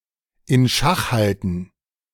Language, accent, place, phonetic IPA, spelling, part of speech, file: German, Germany, Berlin, [ɪn ˈʃax ˌhaltn̩], in Schach halten, phrase, De-in Schach halten.ogg
- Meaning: to keep in check